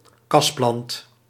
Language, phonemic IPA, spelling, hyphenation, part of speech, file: Dutch, /ˈkɑs.plɑnt/, kasplant, kas‧plant, noun, Nl-kasplant.ogg
- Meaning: 1. a plant grown in a greenhouse 2. a person in a vegetative state or a brain-dead person, a vegetable, a cabbage